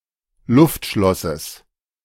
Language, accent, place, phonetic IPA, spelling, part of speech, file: German, Germany, Berlin, [ˈlʊftˌʃlɔsəs], Luftschlosses, noun, De-Luftschlosses.ogg
- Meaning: genitive singular of Luftschloss